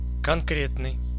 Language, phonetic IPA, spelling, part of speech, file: Russian, [kɐnˈkrʲetnɨj], конкретный, adjective, Ru-конкретный.ogg
- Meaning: 1. concrete, specific, particular, perceivable, real 2. given